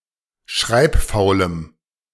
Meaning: strong dative masculine/neuter singular of schreibfaul
- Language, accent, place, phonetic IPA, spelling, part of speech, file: German, Germany, Berlin, [ˈʃʁaɪ̯pˌfaʊ̯ləm], schreibfaulem, adjective, De-schreibfaulem.ogg